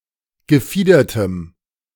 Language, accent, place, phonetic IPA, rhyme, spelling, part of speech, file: German, Germany, Berlin, [ɡəˈfiːdɐtəm], -iːdɐtəm, gefiedertem, adjective, De-gefiedertem.ogg
- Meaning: strong dative masculine/neuter singular of gefiedert